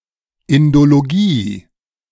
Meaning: Indology (academic study of India)
- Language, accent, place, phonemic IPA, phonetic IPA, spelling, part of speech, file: German, Germany, Berlin, /ˌɪndoloˈɡiː/, [ˌʔɪndoloɡiː], Indologie, noun, De-Indologie.ogg